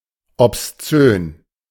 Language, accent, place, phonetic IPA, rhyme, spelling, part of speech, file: German, Germany, Berlin, [ɔpsˈt͡søːn], -øːn, obszön, adjective, De-obszön.ogg
- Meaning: obscene